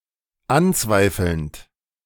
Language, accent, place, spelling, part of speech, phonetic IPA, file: German, Germany, Berlin, anzweifelnd, verb, [ˈanˌt͡svaɪ̯fl̩nt], De-anzweifelnd.ogg
- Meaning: present participle of anzweifeln